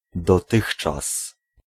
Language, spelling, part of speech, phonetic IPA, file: Polish, dotychczas, adverb, [dɔˈtɨxt͡ʃas], Pl-dotychczas.ogg